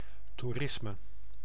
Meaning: tourism
- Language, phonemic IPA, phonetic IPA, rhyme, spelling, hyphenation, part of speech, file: Dutch, /ˌtuˈrɪs.mə/, [ˌtuˈrɪs.mə], -ɪsmə, toerisme, toe‧ris‧me, noun, Nl-toerisme.ogg